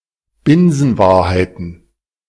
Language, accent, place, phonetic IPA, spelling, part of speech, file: German, Germany, Berlin, [ˈbɪnzn̩ˌvaːɐ̯haɪ̯tn̩], Binsenwahrheiten, noun, De-Binsenwahrheiten.ogg
- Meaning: plural of Binsenwahrheit